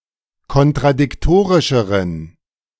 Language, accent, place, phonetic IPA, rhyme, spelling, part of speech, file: German, Germany, Berlin, [kɔntʁadɪkˈtoːʁɪʃəʁən], -oːʁɪʃəʁən, kontradiktorischeren, adjective, De-kontradiktorischeren.ogg
- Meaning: inflection of kontradiktorisch: 1. strong genitive masculine/neuter singular comparative degree 2. weak/mixed genitive/dative all-gender singular comparative degree